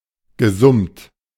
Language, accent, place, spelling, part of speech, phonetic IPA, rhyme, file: German, Germany, Berlin, gesummt, verb, [ɡəˈzʊmt], -ʊmt, De-gesummt.ogg
- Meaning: past participle of summen